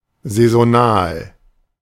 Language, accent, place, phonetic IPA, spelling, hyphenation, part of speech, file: German, Germany, Berlin, [zɛzoˈnaːl], saisonal, sai‧so‧nal, adjective, De-saisonal.ogg
- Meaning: seasonal